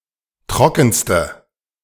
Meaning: inflection of trocken: 1. strong/mixed nominative/accusative feminine singular superlative degree 2. strong nominative/accusative plural superlative degree
- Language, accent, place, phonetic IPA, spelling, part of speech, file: German, Germany, Berlin, [ˈtʁɔkn̩stə], trockenste, adjective, De-trockenste.ogg